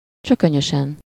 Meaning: obstinately, stubbornly
- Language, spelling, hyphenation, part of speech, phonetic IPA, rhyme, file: Hungarian, csökönyösen, csö‧kö‧nyö‧sen, adverb, [ˈt͡ʃøkøɲøʃɛn], -ɛn, Hu-csökönyösen.ogg